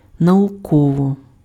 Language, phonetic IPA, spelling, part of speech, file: Ukrainian, [nɐʊˈkɔwɔ], науково, adverb, Uk-науково.ogg
- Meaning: scientifically